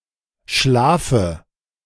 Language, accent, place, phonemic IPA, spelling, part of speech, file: German, Germany, Berlin, /ˈʃlaːfə/, schlafe, verb, De-schlafe.ogg
- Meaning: inflection of schlafen: 1. first-person singular present 2. first/third-person singular subjunctive I 3. singular imperative